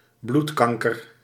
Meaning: blood cancer
- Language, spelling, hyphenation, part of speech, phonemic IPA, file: Dutch, bloedkanker, bloed‧kan‧ker, noun, /ˈblutˌkɑŋ.kər/, Nl-bloedkanker.ogg